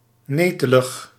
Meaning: tricky, nettlesome
- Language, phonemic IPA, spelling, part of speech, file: Dutch, /ˈneː.tə.ləx/, netelig, adjective, Nl-netelig.ogg